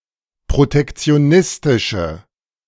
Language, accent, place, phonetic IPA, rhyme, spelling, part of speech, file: German, Germany, Berlin, [pʁotɛkt͡si̯oˈnɪstɪʃə], -ɪstɪʃə, protektionistische, adjective, De-protektionistische.ogg
- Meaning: inflection of protektionistisch: 1. strong/mixed nominative/accusative feminine singular 2. strong nominative/accusative plural 3. weak nominative all-gender singular